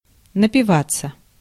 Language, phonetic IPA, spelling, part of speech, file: Russian, [nəpʲɪˈvat͡sːə], напиваться, verb, Ru-напиваться.ogg
- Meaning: 1. to quench thirst 2. to get drunk